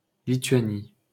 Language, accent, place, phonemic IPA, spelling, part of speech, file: French, France, Paris, /li.tɥa.ni/, Lithuanie, proper noun, LL-Q150 (fra)-Lithuanie.wav
- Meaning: alternative form of Lituanie: Lithuania (a country in northeastern Europe)